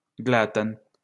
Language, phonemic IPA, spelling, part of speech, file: Esperanto, /ˈɡlatan/, glatan, adjective, LL-Q143 (epo)-glatan.wav